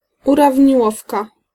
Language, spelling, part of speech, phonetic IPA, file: Polish, urawniłowka, noun, [ˌuravʲɲiˈwɔfka], Pl-urawniłowka.ogg